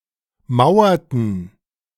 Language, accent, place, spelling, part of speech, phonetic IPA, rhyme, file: German, Germany, Berlin, mauerten, verb, [ˈmaʊ̯ɐtn̩], -aʊ̯ɐtn̩, De-mauerten.ogg
- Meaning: inflection of mauern: 1. first/third-person plural preterite 2. first/third-person plural subjunctive II